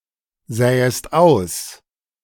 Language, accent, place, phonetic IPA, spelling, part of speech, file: German, Germany, Berlin, [ˌzɛːəst ˈaʊ̯s], sähest aus, verb, De-sähest aus.ogg
- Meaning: second-person singular subjunctive II of aussehen